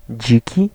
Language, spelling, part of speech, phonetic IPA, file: Polish, dziki, adjective / noun, [ˈd͡ʑici], Pl-dziki.ogg